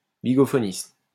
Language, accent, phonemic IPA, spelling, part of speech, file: French, France, /bi.ɡɔ.fɔ.nist/, bigophoniste, noun, LL-Q150 (fra)-bigophoniste.wav
- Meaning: a bigophone player